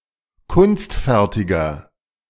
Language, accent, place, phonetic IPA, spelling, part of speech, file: German, Germany, Berlin, [ˈkʊnstˌfɛʁtɪɡɐ], kunstfertiger, adjective, De-kunstfertiger.ogg
- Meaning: 1. comparative degree of kunstfertig 2. inflection of kunstfertig: strong/mixed nominative masculine singular 3. inflection of kunstfertig: strong genitive/dative feminine singular